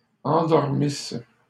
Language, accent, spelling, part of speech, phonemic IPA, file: French, Canada, endormisses, verb, /ɑ̃.dɔʁ.mis/, LL-Q150 (fra)-endormisses.wav
- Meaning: second-person singular imperfect subjunctive of endormir